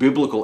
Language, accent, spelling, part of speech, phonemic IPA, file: English, US, biblical, adjective, /ˈbɪblɪkəl/, En-us-biblical.ogg
- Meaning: 1. Of or relating to the Bible 2. In accordance with the teachings of the Bible (according to some interpretation of it) 3. Very great; especially, exceeding previous records in scale